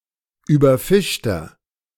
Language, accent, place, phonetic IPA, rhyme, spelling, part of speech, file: German, Germany, Berlin, [ˌyːbɐˈfɪʃtɐ], -ɪʃtɐ, überfischter, adjective, De-überfischter.ogg
- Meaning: inflection of überfischt: 1. strong/mixed nominative masculine singular 2. strong genitive/dative feminine singular 3. strong genitive plural